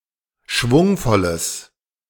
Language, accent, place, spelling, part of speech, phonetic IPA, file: German, Germany, Berlin, schwungvolles, adjective, [ˈʃvʊŋfɔləs], De-schwungvolles.ogg
- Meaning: strong/mixed nominative/accusative neuter singular of schwungvoll